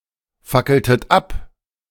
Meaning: inflection of abfackeln: 1. second-person plural preterite 2. second-person plural subjunctive II
- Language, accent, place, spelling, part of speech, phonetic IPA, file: German, Germany, Berlin, fackeltet ab, verb, [ˌfakl̩tət ˈap], De-fackeltet ab.ogg